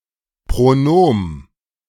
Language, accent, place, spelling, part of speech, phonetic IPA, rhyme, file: German, Germany, Berlin, Pronom, noun, [pʁoˈnoːm], -oːm, De-Pronom.ogg
- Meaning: pronoun